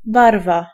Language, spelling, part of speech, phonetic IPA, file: Polish, barwa, noun, [ˈbarva], Pl-barwa.ogg